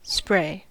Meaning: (noun) 1. A fine, gentle, dispersed mist of liquid 2. Something resembling a spray of liquid 3. A pressurized container; an atomizer
- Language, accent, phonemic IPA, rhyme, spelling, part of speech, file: English, US, /spɹeɪ/, -eɪ, spray, noun / verb, En-us-spray.ogg